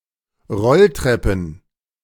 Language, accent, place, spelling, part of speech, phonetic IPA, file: German, Germany, Berlin, Rolltreppen, noun, [ˈʁɔlˌtʁɛpn̩], De-Rolltreppen.ogg
- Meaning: plural of Rolltreppe